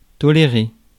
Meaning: to tolerate
- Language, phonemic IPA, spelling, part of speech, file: French, /tɔ.le.ʁe/, tolérer, verb, Fr-tolérer.ogg